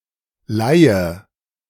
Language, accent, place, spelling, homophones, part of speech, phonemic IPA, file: German, Germany, Berlin, Leihe, leihe / Laie, noun, /ˈlaɪ̯ə/, De-Leihe.ogg
- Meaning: 1. borrowing and lending; an instance of this 2. loan (arrangement where a player joins another club through temporary suspension of their existing contract rather than its termination) 3. pawn shop